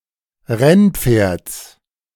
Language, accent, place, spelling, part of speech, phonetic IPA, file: German, Germany, Berlin, Rennpferds, noun, [ˈʁɛnˌp͡feːɐ̯t͡s], De-Rennpferds.ogg
- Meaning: genitive singular of Rennpferd